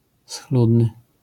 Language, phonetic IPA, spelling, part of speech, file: Polish, [ˈsxludnɨ], schludny, adjective, LL-Q809 (pol)-schludny.wav